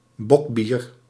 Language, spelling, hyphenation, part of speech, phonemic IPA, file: Dutch, bockbier, bock‧bier, noun, /ˈbɔk.biːr/, Nl-bockbier.ogg
- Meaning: 1. bock beer 2. a glass of bock beer